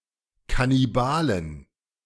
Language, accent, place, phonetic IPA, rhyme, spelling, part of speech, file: German, Germany, Berlin, [kaniˈbaːlən], -aːlən, Kannibalen, noun, De-Kannibalen.ogg
- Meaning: 1. genitive singular of Kannibale 2. plural of Kannibale